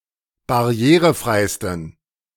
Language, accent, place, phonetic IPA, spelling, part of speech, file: German, Germany, Berlin, [baˈʁi̯eːʁəˌfʁaɪ̯stn̩], barrierefreisten, adjective, De-barrierefreisten.ogg
- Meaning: 1. superlative degree of barrierefrei 2. inflection of barrierefrei: strong genitive masculine/neuter singular superlative degree